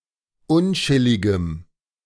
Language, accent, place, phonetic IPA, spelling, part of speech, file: German, Germany, Berlin, [ˈʊnˌt͡ʃɪlɪɡəm], unchilligem, adjective, De-unchilligem.ogg
- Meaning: strong dative masculine/neuter singular of unchillig